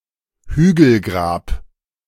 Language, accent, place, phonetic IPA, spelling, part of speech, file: German, Germany, Berlin, [ˈhyːɡl̩ˌɡʁaːp], Hügelgrab, noun, De-Hügelgrab.ogg
- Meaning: tumulus, burial mound, grave mound